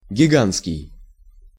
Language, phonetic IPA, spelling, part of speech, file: Russian, [ɡʲɪˈɡan(t)skʲɪj], гигантский, adjective, Ru-гигантский.ogg
- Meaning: giant